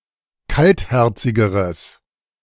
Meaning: strong/mixed nominative/accusative neuter singular comparative degree of kaltherzig
- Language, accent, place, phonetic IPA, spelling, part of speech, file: German, Germany, Berlin, [ˈkaltˌhɛʁt͡sɪɡəʁəs], kaltherzigeres, adjective, De-kaltherzigeres.ogg